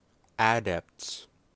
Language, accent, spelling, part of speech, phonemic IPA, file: English, US, adepts, noun, /ˈæd.ɛpts/, En-us-adepts.ogg
- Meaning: plural of adept